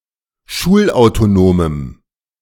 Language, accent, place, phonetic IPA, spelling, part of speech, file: German, Germany, Berlin, [ˈʃuːlʔaʊ̯toˌnoːməm], schulautonomem, adjective, De-schulautonomem.ogg
- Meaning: strong dative masculine/neuter singular of schulautonom